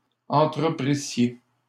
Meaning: second-person plural imperfect subjunctive of entreprendre
- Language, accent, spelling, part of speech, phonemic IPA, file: French, Canada, entreprissiez, verb, /ɑ̃.tʁə.pʁi.sje/, LL-Q150 (fra)-entreprissiez.wav